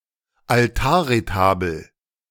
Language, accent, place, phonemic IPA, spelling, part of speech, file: German, Germany, Berlin, /alˈtaːɐ̯ʁeˌtaːbl̩/, Altarretabel, noun, De-Altarretabel.ogg
- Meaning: retable